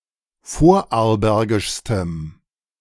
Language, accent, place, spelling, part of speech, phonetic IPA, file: German, Germany, Berlin, vorarlbergischstem, adjective, [ˈfoːɐ̯ʔaʁlˌbɛʁɡɪʃstəm], De-vorarlbergischstem.ogg
- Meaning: strong dative masculine/neuter singular superlative degree of vorarlbergisch